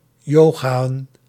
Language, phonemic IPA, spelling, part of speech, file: Dutch, /ˈjoː.ɣaː.ə(n)/, yogaën, verb, Nl-yogaën.ogg
- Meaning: to practice yoga